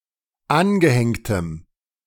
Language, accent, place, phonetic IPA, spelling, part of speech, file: German, Germany, Berlin, [ˈanɡəˌhɛŋtəm], angehängtem, adjective, De-angehängtem.ogg
- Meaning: strong dative masculine/neuter singular of angehängt